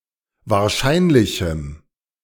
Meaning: strong dative masculine/neuter singular of wahrscheinlich
- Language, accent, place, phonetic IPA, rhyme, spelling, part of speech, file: German, Germany, Berlin, [vaːɐ̯ˈʃaɪ̯nlɪçm̩], -aɪ̯nlɪçm̩, wahrscheinlichem, adjective, De-wahrscheinlichem.ogg